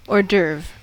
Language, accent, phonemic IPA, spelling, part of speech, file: English, US, /ˌɔɹˈdɝv/, hors d'oeuvre, noun, En-us-hors d'oeuvre.ogg
- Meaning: 1. A small, light, and usually savory first course in a meal 2. Anything preliminary and of secondary concern 3. Something unusual or extraordinary